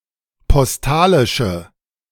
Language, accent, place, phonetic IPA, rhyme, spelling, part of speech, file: German, Germany, Berlin, [pɔsˈtaːlɪʃə], -aːlɪʃə, postalische, adjective, De-postalische.ogg
- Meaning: inflection of postalisch: 1. strong/mixed nominative/accusative feminine singular 2. strong nominative/accusative plural 3. weak nominative all-gender singular